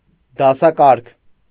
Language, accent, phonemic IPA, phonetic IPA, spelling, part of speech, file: Armenian, Eastern Armenian, /dɑsɑˈkɑɾkʰ/, [dɑsɑkɑ́ɾkʰ], դասակարգ, noun, Hy-դասակարգ.ogg
- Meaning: class (social grouping)